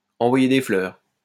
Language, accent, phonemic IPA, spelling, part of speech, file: French, France, /ɑ̃.vwa.je de flœʁ/, envoyer des fleurs, verb, LL-Q150 (fra)-envoyer des fleurs.wav
- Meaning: 1. to say nice things to, to compliment 2. to say nice things to, to compliment: to toot one's own horn, to blow one's own horn, to blow one's own trumpet, to pat oneself on the back